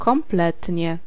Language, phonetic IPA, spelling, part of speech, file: Polish, [kɔ̃mˈplɛtʲɲɛ], kompletnie, adverb, Pl-kompletnie.ogg